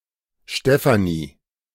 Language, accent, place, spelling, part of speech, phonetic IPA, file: German, Germany, Berlin, Stefanie, proper noun, [ˈʃtɛfani], De-Stefanie.ogg
- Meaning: a female given name, variant of Stephanie, masculine equivalent Stefan